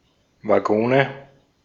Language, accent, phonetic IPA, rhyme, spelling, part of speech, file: German, Austria, [ˌvaˈɡoːnə], -oːnə, Waggone, noun, De-at-Waggone.ogg
- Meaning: nominative/accusative/genitive plural of Waggon